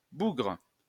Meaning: 1. guy, dude, man, fellow, chap 2. wretch (miserable, luckless person) 3. imbecile; idiot 4. sodomite, bugger (homosexual)
- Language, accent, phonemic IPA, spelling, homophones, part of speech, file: French, France, /buɡʁ/, bougre, bougres, noun, LL-Q150 (fra)-bougre.wav